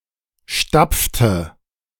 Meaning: inflection of stapfen: 1. first/third-person singular preterite 2. first/third-person singular subjunctive II
- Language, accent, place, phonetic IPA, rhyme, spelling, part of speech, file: German, Germany, Berlin, [ˈʃtap͡ftə], -ap͡ftə, stapfte, verb, De-stapfte.ogg